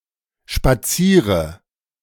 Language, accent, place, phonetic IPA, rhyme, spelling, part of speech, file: German, Germany, Berlin, [ʃpaˈt͡siːʁə], -iːʁə, spaziere, verb, De-spaziere.ogg
- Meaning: inflection of spazieren: 1. first-person singular present 2. first/third-person singular subjunctive I 3. singular imperative